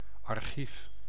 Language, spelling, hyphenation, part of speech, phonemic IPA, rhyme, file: Dutch, archief, ar‧chief, noun, /ɑrˈxif/, -if, Nl-archief.ogg
- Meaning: archive (place for storing earlier informative material)